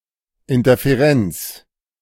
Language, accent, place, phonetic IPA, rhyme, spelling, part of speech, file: German, Germany, Berlin, [ɪntɐfeˈʁɛnt͡s], -ɛnt͡s, Interferenz, noun, De-Interferenz.ogg
- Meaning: interference